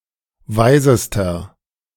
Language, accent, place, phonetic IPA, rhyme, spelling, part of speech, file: German, Germany, Berlin, [ˈvaɪ̯zəstɐ], -aɪ̯zəstɐ, weisester, adjective, De-weisester.ogg
- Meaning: inflection of weise: 1. strong/mixed nominative masculine singular superlative degree 2. strong genitive/dative feminine singular superlative degree 3. strong genitive plural superlative degree